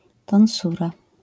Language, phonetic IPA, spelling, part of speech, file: Polish, [tɔ̃w̃ˈsura], tonsura, noun, LL-Q809 (pol)-tonsura.wav